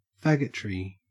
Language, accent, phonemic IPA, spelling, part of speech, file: English, Australia, /ˈfæɡətɹi/, faggotry, noun, En-au-faggotry.ogg
- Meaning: 1. The stereotypical behaviors of a gay man or homosexuality in general 2. Contemptible actions in general